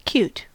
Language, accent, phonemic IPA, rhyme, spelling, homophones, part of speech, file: English, US, /kjuːt/, -uːt, cute, Qt, adjective, En-us-cute.ogg